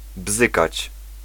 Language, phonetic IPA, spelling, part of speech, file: Polish, [ˈbzɨkat͡ɕ], bzykać, verb, Pl-bzykać.ogg